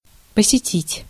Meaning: 1. to visit, to call on 2. to attend (lectures)
- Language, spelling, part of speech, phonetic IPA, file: Russian, посетить, verb, [pəsʲɪˈtʲitʲ], Ru-посетить.ogg